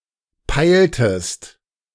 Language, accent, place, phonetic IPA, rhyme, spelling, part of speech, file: German, Germany, Berlin, [ˈpaɪ̯ltəst], -aɪ̯ltəst, peiltest, verb, De-peiltest.ogg
- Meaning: inflection of peilen: 1. second-person singular preterite 2. second-person singular subjunctive II